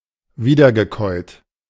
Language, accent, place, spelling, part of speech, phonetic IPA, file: German, Germany, Berlin, wiedergekäut, verb, [ˈviːdɐɡəˌkɔɪ̯t], De-wiedergekäut.ogg
- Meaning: past participle of wiederkäuen